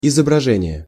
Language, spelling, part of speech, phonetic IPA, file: Russian, изображение, noun, [ɪzəbrɐˈʐɛnʲɪje], Ru-изображение.ogg
- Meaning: image, picture, illustration, figure